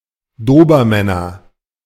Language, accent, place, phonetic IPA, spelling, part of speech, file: German, Germany, Berlin, [ˈdoːbɐˌmɛnɐ], Dobermänner, noun, De-Dobermänner.ogg
- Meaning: nominative/accusative/genitive plural of Dobermann